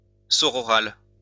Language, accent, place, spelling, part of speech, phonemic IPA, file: French, France, Lyon, sororal, adjective, /sɔ.ʁɔ.ʁal/, LL-Q150 (fra)-sororal.wav
- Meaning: sororal